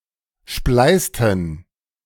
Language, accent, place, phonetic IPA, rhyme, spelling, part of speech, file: German, Germany, Berlin, [ˈʃplaɪ̯stn̩], -aɪ̯stn̩, spleißten, verb, De-spleißten.ogg
- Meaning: inflection of spleißen: 1. first/third-person plural preterite 2. first/third-person plural subjunctive II